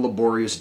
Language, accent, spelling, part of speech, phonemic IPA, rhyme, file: English, US, laborious, adjective, /ləˈbɔːɹiəs/, -ɔːɹiəs, En-us-laborious.ogg
- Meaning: 1. Requiring much physical effort; toilsome 2. Mentally difficult; painstaking 3. Industrious